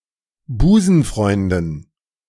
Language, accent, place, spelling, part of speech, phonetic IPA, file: German, Germany, Berlin, Busenfreunden, noun, [ˈbuːzn̩ˌfʁɔɪ̯ndn̩], De-Busenfreunden.ogg
- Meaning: dative plural of Busenfreund